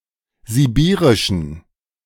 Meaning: inflection of sibirisch: 1. strong genitive masculine/neuter singular 2. weak/mixed genitive/dative all-gender singular 3. strong/weak/mixed accusative masculine singular 4. strong dative plural
- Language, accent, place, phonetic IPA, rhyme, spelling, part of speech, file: German, Germany, Berlin, [ziˈbiːʁɪʃn̩], -iːʁɪʃn̩, sibirischen, adjective, De-sibirischen.ogg